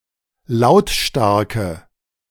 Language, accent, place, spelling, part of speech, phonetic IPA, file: German, Germany, Berlin, lautstarke, adjective, [ˈlaʊ̯tˌʃtaʁkə], De-lautstarke.ogg
- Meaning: inflection of lautstark: 1. strong/mixed nominative/accusative feminine singular 2. strong nominative/accusative plural 3. weak nominative all-gender singular